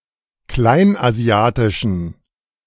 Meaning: inflection of kleinasiatisch: 1. strong genitive masculine/neuter singular 2. weak/mixed genitive/dative all-gender singular 3. strong/weak/mixed accusative masculine singular 4. strong dative plural
- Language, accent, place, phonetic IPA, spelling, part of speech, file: German, Germany, Berlin, [ˈklaɪ̯nʔaˌzi̯aːtɪʃn̩], kleinasiatischen, adjective, De-kleinasiatischen.ogg